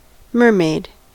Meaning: 1. A mythological creature with a woman's head and upper body, and a tail of a fish 2. Coloured a brilliant turquoise 3. A prostitute
- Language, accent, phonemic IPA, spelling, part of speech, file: English, US, /ˈmɝ.meɪd/, mermaid, noun, En-us-mermaid.ogg